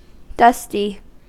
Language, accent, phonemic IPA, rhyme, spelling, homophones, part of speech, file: English, US, /ˈdʌsti/, -ʌsti, dusty, dustee, adjective / noun, En-us-dusty.ogg
- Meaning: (adjective) 1. Covered with dust 2. Powdery and resembling dust 3. Grey or greyish 4. Old; outdated; stuffily traditional 5. Ugly, disgusting (a general term of abuse) 6. Ugly, unwell, inadequate, bad